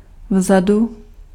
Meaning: behind (at the back part; in the rear)
- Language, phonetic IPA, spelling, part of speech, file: Czech, [ˈvzadu], vzadu, adverb, Cs-vzadu.ogg